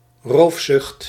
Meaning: rapaciousness, proclivity to stealing
- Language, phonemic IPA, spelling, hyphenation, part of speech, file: Dutch, /ˈroːf.sʏxt/, roofzucht, roof‧zucht, noun, Nl-roofzucht.ogg